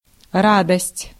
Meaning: joy, delight
- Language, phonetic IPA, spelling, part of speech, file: Russian, [ˈradəsʲtʲ], радость, noun, Ru-радость.ogg